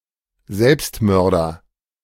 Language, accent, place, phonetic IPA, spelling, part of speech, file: German, Germany, Berlin, [ˈzɛlpstˌmœʁdɐ], Selbstmörder, noun, De-Selbstmörder.ogg
- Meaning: one who commits suicide; a suicide; suicide victim (male or of unspecified gender)